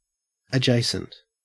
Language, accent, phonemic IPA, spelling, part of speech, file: English, Australia, /əˈd͡ʒeɪ.sənt/, adjacent, adjective / noun / preposition, En-au-adjacent.ogg
- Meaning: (adjective) 1. Lying next to, close, or contiguous; neighboring; bordering on 2. Just before, after, or facing 3. Related to; suggestive of; bordering on